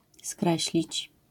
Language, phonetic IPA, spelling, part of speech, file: Polish, [ˈskrɛɕlʲit͡ɕ], skreślić, verb, LL-Q809 (pol)-skreślić.wav